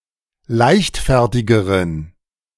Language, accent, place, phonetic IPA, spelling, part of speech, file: German, Germany, Berlin, [ˈlaɪ̯çtˌfɛʁtɪɡəʁən], leichtfertigeren, adjective, De-leichtfertigeren.ogg
- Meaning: inflection of leichtfertig: 1. strong genitive masculine/neuter singular comparative degree 2. weak/mixed genitive/dative all-gender singular comparative degree